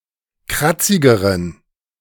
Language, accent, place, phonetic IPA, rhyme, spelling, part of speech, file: German, Germany, Berlin, [ˈkʁat͡sɪɡəʁən], -at͡sɪɡəʁən, kratzigeren, adjective, De-kratzigeren.ogg
- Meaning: inflection of kratzig: 1. strong genitive masculine/neuter singular comparative degree 2. weak/mixed genitive/dative all-gender singular comparative degree